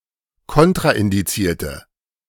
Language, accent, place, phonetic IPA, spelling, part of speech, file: German, Germany, Berlin, [ˈkɔntʁaʔɪndiˌt͡siːɐ̯tə], kontraindizierte, adjective, De-kontraindizierte.ogg
- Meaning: inflection of kontraindiziert: 1. strong/mixed nominative/accusative feminine singular 2. strong nominative/accusative plural 3. weak nominative all-gender singular